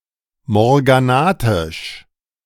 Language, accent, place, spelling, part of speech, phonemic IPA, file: German, Germany, Berlin, morganatisch, adjective, /mɔʁɡaˈnatɪʃ/, De-morganatisch.ogg
- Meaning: morganatic